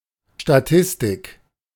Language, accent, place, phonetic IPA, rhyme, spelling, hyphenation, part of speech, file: German, Germany, Berlin, [ʃtaˈtɪstɪk], -ɪstɪk, Statistik, Sta‧tis‧tik, noun, De-Statistik.ogg
- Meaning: 1. statistics 2. statistics, stats 3. description of a state, a country